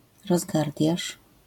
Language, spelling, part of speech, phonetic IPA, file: Polish, rozgardiasz, noun, [rɔzˈɡardʲjaʃ], LL-Q809 (pol)-rozgardiasz.wav